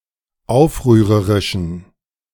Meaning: inflection of aufrührerisch: 1. strong genitive masculine/neuter singular 2. weak/mixed genitive/dative all-gender singular 3. strong/weak/mixed accusative masculine singular 4. strong dative plural
- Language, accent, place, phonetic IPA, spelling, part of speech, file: German, Germany, Berlin, [ˈaʊ̯fʁyːʁəʁɪʃn̩], aufrührerischen, adjective, De-aufrührerischen.ogg